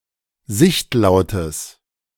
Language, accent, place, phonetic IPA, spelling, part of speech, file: German, Germany, Berlin, [ˈzɪçtˌlaʊ̯təs], sichtlautes, adjective, De-sichtlautes.ogg
- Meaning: strong/mixed nominative/accusative neuter singular of sichtlaut